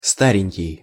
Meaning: 1. diminutive of ста́рый (stáryj, “old, not young, elderly”) 2. diminutive of ста́рый (stáryj, “old, not new”)
- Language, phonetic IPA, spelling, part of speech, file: Russian, [ˈstarʲɪnʲkʲɪj], старенький, adjective, Ru-старенький.ogg